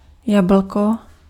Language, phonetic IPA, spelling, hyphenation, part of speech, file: Czech, [ˈjabl̩ko], jablko, ja‧bl‧ko, noun, Cs-jablko.ogg
- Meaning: apple